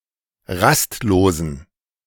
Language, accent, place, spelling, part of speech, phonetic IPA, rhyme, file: German, Germany, Berlin, rastlosen, adjective, [ˈʁastˌloːzn̩], -astloːzn̩, De-rastlosen.ogg
- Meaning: inflection of rastlos: 1. strong genitive masculine/neuter singular 2. weak/mixed genitive/dative all-gender singular 3. strong/weak/mixed accusative masculine singular 4. strong dative plural